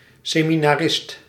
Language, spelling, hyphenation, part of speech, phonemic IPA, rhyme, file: Dutch, seminarist, se‧mi‧na‧rist, noun, /ˌseː.mi.naːˈrɪst/, -ɪst, Nl-seminarist.ogg
- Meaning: a student at a seminary, usually Roman Catholic, Remonstrant or Lutheran